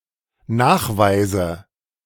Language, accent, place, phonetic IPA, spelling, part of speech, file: German, Germany, Berlin, [ˈnaːxˌvaɪ̯zə], Nachweise, noun, De-Nachweise.ogg
- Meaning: nominative/accusative/genitive plural of Nachweis